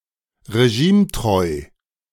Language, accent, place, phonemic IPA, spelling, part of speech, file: German, Germany, Berlin, /ʁeˈʒiːmˌtʁɔɪ̯/, regimetreu, adjective, De-regimetreu.ogg
- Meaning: loyal to a regime